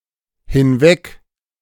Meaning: 1. away 2. over, across
- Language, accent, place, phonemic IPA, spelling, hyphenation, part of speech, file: German, Germany, Berlin, /hɪnˈvɛk/, hinweg, hin‧weg, adverb, De-hinweg.ogg